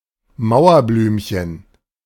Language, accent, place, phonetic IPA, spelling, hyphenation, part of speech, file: German, Germany, Berlin, [ˈmaʊ̯ɐˌblyːmçən], Mauerblümchen, Mau‧er‧blüm‧chen, noun, De-Mauerblümchen.ogg
- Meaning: wallflower (socially awkward person)